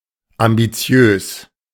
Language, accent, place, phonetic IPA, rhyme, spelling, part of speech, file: German, Germany, Berlin, [ambiˈt͡si̯øːs], -øːs, ambitiös, adjective, De-ambitiös.ogg
- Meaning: ambitious